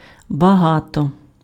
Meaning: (adverb) 1. much, a lot 2. richly, in a rich manner; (determiner) many, a lot of
- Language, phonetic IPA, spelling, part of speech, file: Ukrainian, [bɐˈɦatɔ], багато, adverb / determiner, Uk-багато.ogg